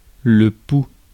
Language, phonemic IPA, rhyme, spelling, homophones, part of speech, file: French, /pu/, -u, pouls, pou / poux, noun, Fr-pouls.ogg
- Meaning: pulse (regular beat caused by the heart)